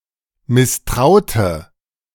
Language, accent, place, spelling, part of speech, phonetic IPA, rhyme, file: German, Germany, Berlin, misstraute, verb, [mɪsˈtʁaʊ̯tə], -aʊ̯tə, De-misstraute.ogg
- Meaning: inflection of misstrauen: 1. first/third-person singular preterite 2. first/third-person singular subjunctive II